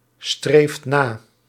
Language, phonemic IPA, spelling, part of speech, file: Dutch, /ˈstreft ˈna/, streeft na, verb, Nl-streeft na.ogg
- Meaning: inflection of nastreven: 1. second/third-person singular present indicative 2. plural imperative